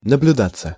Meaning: 1. to be observed 2. passive of наблюда́ть (nabljudátʹ)
- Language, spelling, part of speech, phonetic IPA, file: Russian, наблюдаться, verb, [nəblʲʊˈdat͡sːə], Ru-наблюдаться.ogg